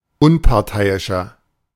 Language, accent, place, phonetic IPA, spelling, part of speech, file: German, Germany, Berlin, [ˈʊnpaʁˌtaɪ̯ɪʃɐ], Unparteiischer, noun, De-Unparteiischer.ogg
- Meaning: 1. impartial person (male or of unspecified sex) 2. referee (male or of unspecified sex) 3. inflection of Unparteiische: strong genitive/dative singular